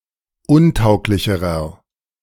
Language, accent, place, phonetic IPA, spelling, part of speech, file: German, Germany, Berlin, [ˈʊnˌtaʊ̯klɪçəʁɐ], untauglicherer, adjective, De-untauglicherer.ogg
- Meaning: inflection of untauglich: 1. strong/mixed nominative masculine singular comparative degree 2. strong genitive/dative feminine singular comparative degree 3. strong genitive plural comparative degree